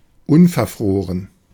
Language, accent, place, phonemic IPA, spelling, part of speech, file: German, Germany, Berlin, /ˈʊnfɛɐ̯ˌfʁoːʁən/, unverfroren, adjective / adverb, De-unverfroren.ogg
- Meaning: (adjective) unabashed, blatant, brazen, audacious; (adverb) unabashedly, blatantly